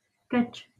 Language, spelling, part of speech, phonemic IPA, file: Northern Kurdish, keç, noun, /kɛt͡ʃ/, LL-Q36368 (kur)-keç.wav
- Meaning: girl, daughter